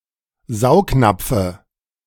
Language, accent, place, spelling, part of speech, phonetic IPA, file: German, Germany, Berlin, Saugnapfe, noun, [ˈzaʊ̯kˌnap͡fə], De-Saugnapfe.ogg
- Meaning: dative of Saugnapf